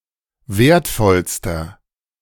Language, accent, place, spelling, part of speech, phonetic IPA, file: German, Germany, Berlin, wertvollster, adjective, [ˈveːɐ̯tˌfɔlstɐ], De-wertvollster.ogg
- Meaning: inflection of wertvoll: 1. strong/mixed nominative masculine singular superlative degree 2. strong genitive/dative feminine singular superlative degree 3. strong genitive plural superlative degree